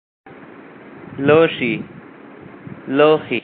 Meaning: appointment plural of لوښی
- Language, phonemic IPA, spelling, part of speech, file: Pashto, /loʃi/, لوښي, noun, لوښي.ogg